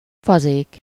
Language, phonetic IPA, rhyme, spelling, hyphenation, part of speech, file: Hungarian, [ˈfɒzeːk], -eːk, fazék, fa‧zék, noun, Hu-fazék.ogg
- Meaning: pot (a flat-bottomed vessel used for cooking food)